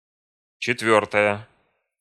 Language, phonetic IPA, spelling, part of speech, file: Russian, [t͡ɕɪtˈvʲɵrtəjə], четвёртая, adjective / noun, Ru-четвёртая.ogg
- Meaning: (adjective) nominative feminine singular of четвёртый (četvjórtyj); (noun) fourth part